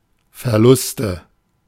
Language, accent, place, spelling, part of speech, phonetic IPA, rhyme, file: German, Germany, Berlin, Verluste, noun, [fɛɐ̯ˈlʊstə], -ʊstə, De-Verluste.ogg
- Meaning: nominative/accusative/genitive plural of Verlust